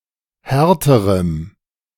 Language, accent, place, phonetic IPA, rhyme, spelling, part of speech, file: German, Germany, Berlin, [ˈhɛʁtəʁəm], -ɛʁtəʁəm, härterem, adjective, De-härterem.ogg
- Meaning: strong dative masculine/neuter singular comparative degree of hart